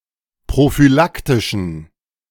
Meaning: inflection of prophylaktisch: 1. strong genitive masculine/neuter singular 2. weak/mixed genitive/dative all-gender singular 3. strong/weak/mixed accusative masculine singular 4. strong dative plural
- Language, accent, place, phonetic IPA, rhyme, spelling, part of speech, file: German, Germany, Berlin, [pʁofyˈlaktɪʃn̩], -aktɪʃn̩, prophylaktischen, adjective, De-prophylaktischen.ogg